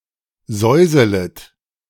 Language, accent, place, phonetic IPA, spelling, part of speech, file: German, Germany, Berlin, [ˈzɔɪ̯zələt], säuselet, verb, De-säuselet.ogg
- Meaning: second-person plural subjunctive I of säuseln